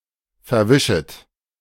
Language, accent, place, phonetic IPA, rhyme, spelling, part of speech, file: German, Germany, Berlin, [fɛɐ̯ˈvɪʃət], -ɪʃət, verwischet, verb, De-verwischet.ogg
- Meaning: second-person plural subjunctive I of verwischen